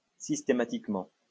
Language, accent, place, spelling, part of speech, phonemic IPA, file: French, France, Lyon, systématiquement, adverb, /sis.te.ma.tik.mɑ̃/, LL-Q150 (fra)-systématiquement.wav
- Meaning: systematically